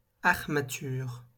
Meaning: framework (supportive structure)
- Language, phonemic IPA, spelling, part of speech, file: French, /aʁ.ma.tyʁ/, armature, noun, LL-Q150 (fra)-armature.wav